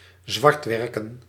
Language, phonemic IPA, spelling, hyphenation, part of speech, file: Dutch, /ˈzʋɑrtˌʋɛr.kə(n)/, zwartwerken, zwart‧wer‧ken, verb, Nl-zwartwerken.ogg
- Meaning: to moonlight (work secretly)